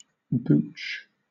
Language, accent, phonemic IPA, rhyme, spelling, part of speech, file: English, Southern England, /buːt͡ʃ/, -uːtʃ, booch, noun, LL-Q1860 (eng)-booch.wav
- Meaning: 1. Kombucha 2. Cocaine